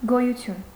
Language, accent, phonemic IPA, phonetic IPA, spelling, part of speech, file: Armenian, Eastern Armenian, /ɡojuˈtʰjun/, [ɡojut͡sʰjún], գոյություն, noun, Hy-գոյություն.ogg
- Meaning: 1. existence, being 2. life 3. presence 4. individual